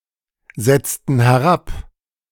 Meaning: inflection of herabsetzen: 1. first/third-person plural preterite 2. first/third-person plural subjunctive II
- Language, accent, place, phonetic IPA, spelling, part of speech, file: German, Germany, Berlin, [ˌzɛt͡stn̩ hɛˈʁap], setzten herab, verb, De-setzten herab.ogg